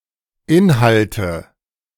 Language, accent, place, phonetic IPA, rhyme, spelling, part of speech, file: German, Germany, Berlin, [ˈɪnhaltə], -ɪnhaltə, Inhalte, noun, De-Inhalte.ogg
- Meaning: nominative/accusative/genitive plural of Inhalt